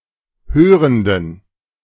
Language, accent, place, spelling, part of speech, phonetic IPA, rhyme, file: German, Germany, Berlin, hörenden, adjective, [ˈhøːʁəndn̩], -øːʁəndn̩, De-hörenden.ogg
- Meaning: inflection of hörend: 1. strong genitive masculine/neuter singular 2. weak/mixed genitive/dative all-gender singular 3. strong/weak/mixed accusative masculine singular 4. strong dative plural